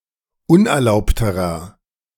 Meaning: inflection of unerlaubt: 1. strong/mixed nominative masculine singular comparative degree 2. strong genitive/dative feminine singular comparative degree 3. strong genitive plural comparative degree
- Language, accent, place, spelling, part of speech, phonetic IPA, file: German, Germany, Berlin, unerlaubterer, adjective, [ˈʊnʔɛɐ̯ˌlaʊ̯ptəʁɐ], De-unerlaubterer.ogg